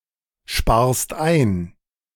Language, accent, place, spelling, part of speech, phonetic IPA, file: German, Germany, Berlin, sparst ein, verb, [ˌʃpaːɐ̯st ˈaɪ̯n], De-sparst ein.ogg
- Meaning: second-person singular present of einsparen